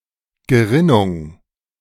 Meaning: 1. clotting, coagulation 2. curdling (of milk)
- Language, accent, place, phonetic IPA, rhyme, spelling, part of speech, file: German, Germany, Berlin, [ɡəˈʁɪnʊŋ], -ɪnʊŋ, Gerinnung, noun, De-Gerinnung.ogg